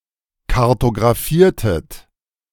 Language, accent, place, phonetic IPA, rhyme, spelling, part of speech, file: German, Germany, Berlin, [kaʁtoɡʁaˈfiːɐ̯tət], -iːɐ̯tət, kartografiertet, verb, De-kartografiertet.ogg
- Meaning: inflection of kartografieren: 1. second-person plural preterite 2. second-person plural subjunctive II